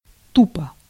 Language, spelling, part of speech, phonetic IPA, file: Russian, тупо, adverb / adjective, [ˈtupə], Ru-тупо.ogg
- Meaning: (adverb) 1. dully, stupidly, with a stupid air, unthinkingly, thoughtlessly, blindly, stubbornly, obstinately 2. literally, just; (adjective) short neuter singular of тупо́й (tupój)